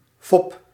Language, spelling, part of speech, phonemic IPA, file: Dutch, fop, noun / verb, /fɔp/, Nl-fop.ogg
- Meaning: inflection of foppen: 1. first-person singular present indicative 2. second-person singular present indicative 3. imperative